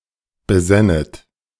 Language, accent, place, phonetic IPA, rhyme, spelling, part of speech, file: German, Germany, Berlin, [bəˈzɛnət], -ɛnət, besännet, verb, De-besännet.ogg
- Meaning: second-person plural subjunctive II of besinnen